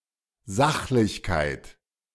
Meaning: objectivity, factuality
- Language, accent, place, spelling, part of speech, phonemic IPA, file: German, Germany, Berlin, Sachlichkeit, noun, /ˈzaxlɪçkaɪ̯t/, De-Sachlichkeit.ogg